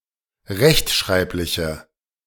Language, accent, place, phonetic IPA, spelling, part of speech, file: German, Germany, Berlin, [ˈʁɛçtˌʃʁaɪ̯plɪçə], rechtschreibliche, adjective, De-rechtschreibliche.ogg
- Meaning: inflection of rechtschreiblich: 1. strong/mixed nominative/accusative feminine singular 2. strong nominative/accusative plural 3. weak nominative all-gender singular